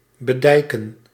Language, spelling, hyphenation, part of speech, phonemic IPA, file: Dutch, bedijken, be‧dij‧ken, verb, /bəˈdɛi̯.kə(n)/, Nl-bedijken.ogg
- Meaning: to dyke, to confine or protect with dykes (in relation to bodies of water and parts of land)